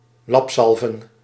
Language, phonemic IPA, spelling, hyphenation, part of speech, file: Dutch, /ˈlɑpˌzɑl.və(n)/, lapzalven, lap‧zal‧ven, verb, Nl-lapzalven.ogg
- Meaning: 1. to tar, to treat with tar (of the ropes of a ship's rigging) 2. to patch up, to fix with stopgap remedies 3. to treat with quackery, to engage in quackery